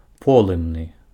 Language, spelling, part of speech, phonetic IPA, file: Belarusian, полымны, adjective, [ˈpoɫɨmnɨ], Be-полымны.ogg
- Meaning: ablaze, aflame